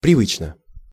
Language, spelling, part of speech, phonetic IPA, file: Russian, привычно, adverb / adjective, [prʲɪˈvɨt͡ɕnə], Ru-привычно.ogg
- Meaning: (adverb) 1. customarily, usually, habitually 2. in a practiced manner; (adjective) short neuter singular of привы́чный (privýčnyj)